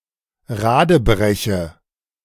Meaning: inflection of radebrechen: 1. first-person singular present 2. first/third-person singular subjunctive I 3. singular imperative
- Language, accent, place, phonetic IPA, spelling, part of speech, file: German, Germany, Berlin, [ˈʁaːdəˌbʁɛçə], radebreche, verb, De-radebreche.ogg